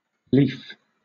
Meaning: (adjective) 1. Beloved, dear, agreeable 2. Ready, willing; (adverb) Readily, willingly, rather
- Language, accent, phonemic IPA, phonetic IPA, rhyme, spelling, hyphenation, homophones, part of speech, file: English, Southern England, /ˈliːf/, [ˈlɪi̯f], -iːf, lief, lief, leaf, adjective / adverb, LL-Q1860 (eng)-lief.wav